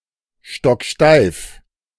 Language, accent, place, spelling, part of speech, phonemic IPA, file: German, Germany, Berlin, stocksteif, adjective, /ˌʃtɔkˈʃtaɪ̯f/, De-stocksteif.ogg
- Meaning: stiff as a pocker